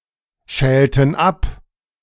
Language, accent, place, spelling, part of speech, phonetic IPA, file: German, Germany, Berlin, schälten ab, verb, [ˌʃɛːltn̩ ˈap], De-schälten ab.ogg
- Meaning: inflection of abschälen: 1. first/third-person plural preterite 2. first/third-person plural subjunctive II